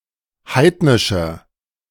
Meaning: inflection of heidnisch: 1. strong/mixed nominative masculine singular 2. strong genitive/dative feminine singular 3. strong genitive plural
- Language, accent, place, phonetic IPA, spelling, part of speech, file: German, Germany, Berlin, [ˈhaɪ̯tnɪʃɐ], heidnischer, adjective, De-heidnischer.ogg